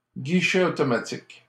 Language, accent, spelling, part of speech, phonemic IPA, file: French, Canada, guichet automatique, noun, /ɡi.ʃɛ o.tɔ.ma.tik/, LL-Q150 (fra)-guichet automatique.wav
- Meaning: autoteller / automated teller (“automated teller machine (“ATM”)”) / automatic teller (“automatic teller machine (“ATM”)”)